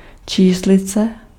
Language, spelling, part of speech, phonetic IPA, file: Czech, číslice, noun, [ˈt͡ʃiːslɪt͡sɛ], Cs-číslice.ogg
- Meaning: digit, cipher